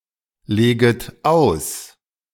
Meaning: second-person plural subjunctive I of auslegen
- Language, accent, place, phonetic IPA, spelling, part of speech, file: German, Germany, Berlin, [ˌleːɡət ˈaʊ̯s], leget aus, verb, De-leget aus.ogg